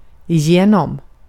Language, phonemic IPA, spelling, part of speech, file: Swedish, /ɪˈjeːnɔm/, igenom, adverb / preposition, Sv-igenom.ogg
- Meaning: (adverb) through; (preposition) through, all through, throughout; a synonym or alternative form of genom